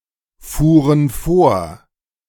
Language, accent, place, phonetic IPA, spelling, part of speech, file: German, Germany, Berlin, [ˌfuːʁən ˈfoːɐ̯], fuhren vor, verb, De-fuhren vor.ogg
- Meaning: first/third-person plural preterite of vorfahren